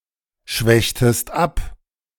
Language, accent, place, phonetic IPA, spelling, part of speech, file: German, Germany, Berlin, [ˌʃvɛçtəst ˈap], schwächtest ab, verb, De-schwächtest ab.ogg
- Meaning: inflection of abschwächen: 1. second-person singular preterite 2. second-person singular subjunctive II